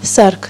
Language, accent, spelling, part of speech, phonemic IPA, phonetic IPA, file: Armenian, Eastern Armenian, սարք, noun, /sɑɾkʰ/, [sɑɾkʰ], Hy-սարք.ogg
- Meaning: 1. device, equipment 2. order (the state of being well arranged)